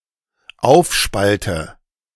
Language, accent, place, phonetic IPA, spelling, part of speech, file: German, Germany, Berlin, [ˈaʊ̯fˌʃpaltə], aufspalte, verb, De-aufspalte.ogg
- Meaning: inflection of aufspalten: 1. first-person singular dependent present 2. first/third-person singular dependent subjunctive I